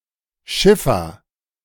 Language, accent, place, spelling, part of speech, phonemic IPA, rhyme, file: German, Germany, Berlin, Schiffer, noun, /ˈʃɪfɐ/, -ɪfɐ, De-Schiffer.ogg
- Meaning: sailor; skipper (one who navigates a ship or boat, or works on it, especially in inland navigation)